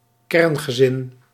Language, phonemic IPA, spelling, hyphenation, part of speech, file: Dutch, /ˈkɛrn.ɣəˌzɪn/, kerngezin, kern‧ge‧zin, noun, Nl-kerngezin.ogg
- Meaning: nuclear family